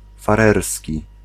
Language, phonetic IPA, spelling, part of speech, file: Polish, [faˈrɛrsʲci], farerski, adjective / noun, Pl-farerski.ogg